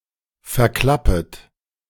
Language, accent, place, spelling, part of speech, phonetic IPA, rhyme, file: German, Germany, Berlin, verklappet, verb, [fɛɐ̯ˈklapət], -apət, De-verklappet.ogg
- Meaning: second-person plural subjunctive I of verklappen